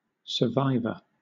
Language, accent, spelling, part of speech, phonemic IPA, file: English, Southern England, survivor, noun, /səˈvaɪvə/, LL-Q1860 (eng)-survivor.wav
- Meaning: 1. One who survives, especially one who survives a traumatic experience 2. A person who is able to endure hardship 3. One who knew a specific decedent